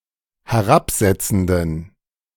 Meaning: inflection of herabsetzend: 1. strong genitive masculine/neuter singular 2. weak/mixed genitive/dative all-gender singular 3. strong/weak/mixed accusative masculine singular 4. strong dative plural
- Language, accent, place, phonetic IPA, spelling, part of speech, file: German, Germany, Berlin, [hɛˈʁapˌzɛt͡sn̩dən], herabsetzenden, adjective, De-herabsetzenden.ogg